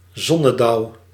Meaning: sundew, any carnivorous plant of the genus Drosera
- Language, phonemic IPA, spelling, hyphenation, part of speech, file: Dutch, /ˈzɔ.nəˌdɑu̯/, zonnedauw, zon‧ne‧dauw, noun, Nl-zonnedauw.ogg